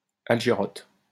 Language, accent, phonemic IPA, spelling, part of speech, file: French, France, /al.ʒə.ʁɔt/, algeroth, noun, LL-Q150 (fra)-algeroth.wav
- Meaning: algarot